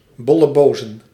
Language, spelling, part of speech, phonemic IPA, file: Dutch, bollebozen, noun, /bɔləˈbozə(n)/, Nl-bollebozen.ogg
- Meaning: plural of bolleboos